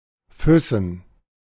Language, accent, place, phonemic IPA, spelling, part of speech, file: German, Germany, Berlin, /ˈfʏsn̩/, Füssen, proper noun / noun, De-Füssen.ogg
- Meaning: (proper noun) Füssen (a town in Bavaria, Germany); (noun) Switzerland and Liechtenstein standard spelling of Füßen